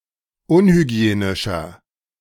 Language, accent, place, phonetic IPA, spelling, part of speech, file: German, Germany, Berlin, [ˈʊnhyˌɡi̯eːnɪʃɐ], unhygienischer, adjective, De-unhygienischer.ogg
- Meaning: 1. comparative degree of unhygienisch 2. inflection of unhygienisch: strong/mixed nominative masculine singular 3. inflection of unhygienisch: strong genitive/dative feminine singular